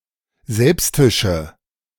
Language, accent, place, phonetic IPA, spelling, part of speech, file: German, Germany, Berlin, [ˈzɛlpstɪʃə], selbstische, adjective, De-selbstische.ogg
- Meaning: inflection of selbstisch: 1. strong/mixed nominative/accusative feminine singular 2. strong nominative/accusative plural 3. weak nominative all-gender singular